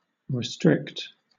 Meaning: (verb) 1. To restrain within boundaries; to limit; to confine 2. To consider (a function) as defined on a subset of its original domain; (adjective) Restricted
- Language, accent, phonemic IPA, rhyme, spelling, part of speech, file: English, Southern England, /ɹɪˈstɹɪkt/, -ɪkt, restrict, verb / adjective, LL-Q1860 (eng)-restrict.wav